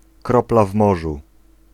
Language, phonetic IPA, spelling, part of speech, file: Polish, [ˈkrɔpla ˈv‿mɔʒu], kropla w morzu, phrase, Pl-kropla w morzu.ogg